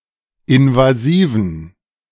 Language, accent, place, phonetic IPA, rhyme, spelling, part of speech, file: German, Germany, Berlin, [ɪnvaˈziːvn̩], -iːvn̩, invasiven, adjective, De-invasiven.ogg
- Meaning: inflection of invasiv: 1. strong genitive masculine/neuter singular 2. weak/mixed genitive/dative all-gender singular 3. strong/weak/mixed accusative masculine singular 4. strong dative plural